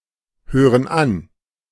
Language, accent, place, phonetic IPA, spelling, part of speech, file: German, Germany, Berlin, [ˌhøːʁən ˈan], hören an, verb, De-hören an.ogg
- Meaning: inflection of anhören: 1. first/third-person plural present 2. first/third-person plural subjunctive I